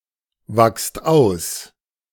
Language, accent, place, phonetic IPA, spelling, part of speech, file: German, Germany, Berlin, [ˌvakst ˈaʊ̯s], wachst aus, verb, De-wachst aus.ogg
- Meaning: inflection of auswachsen: 1. second-person plural present 2. plural imperative